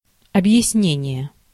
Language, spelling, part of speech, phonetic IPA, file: Russian, объяснение, noun, [ɐbjɪsˈnʲenʲɪje], Ru-объяснение.ogg
- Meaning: explanation (the act or process of explaining)